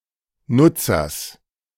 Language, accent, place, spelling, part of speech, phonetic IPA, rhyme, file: German, Germany, Berlin, Nutzers, noun, [ˈnʊt͡sɐs], -ʊt͡sɐs, De-Nutzers.ogg
- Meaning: genitive singular of Nutzer